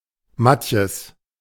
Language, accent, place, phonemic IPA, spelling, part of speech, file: German, Germany, Berlin, /ˈmatjəs/, Matjes, noun, De-Matjes.ogg
- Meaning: young herring, usually pickled